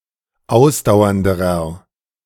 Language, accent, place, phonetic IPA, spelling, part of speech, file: German, Germany, Berlin, [ˈaʊ̯sdaʊ̯ɐndəʁɐ], ausdauernderer, adjective, De-ausdauernderer.ogg
- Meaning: inflection of ausdauernd: 1. strong/mixed nominative masculine singular comparative degree 2. strong genitive/dative feminine singular comparative degree 3. strong genitive plural comparative degree